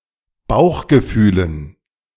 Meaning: dative plural of Bauchgefühl
- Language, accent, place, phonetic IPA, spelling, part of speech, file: German, Germany, Berlin, [ˈbaʊ̯xɡəˌfyːlən], Bauchgefühlen, noun, De-Bauchgefühlen.ogg